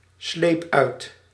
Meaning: singular past indicative of uitslijpen
- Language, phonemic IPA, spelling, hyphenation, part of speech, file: Dutch, /ˌsleːp ˈœy̯t/, sleep uit, sleep uit, verb, Nl-sleep uit.ogg